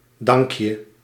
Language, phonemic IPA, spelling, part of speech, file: Dutch, /ˈdɑŋk.jə/, dankje, interjection, Nl-dankje.ogg
- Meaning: alternative spelling of dank je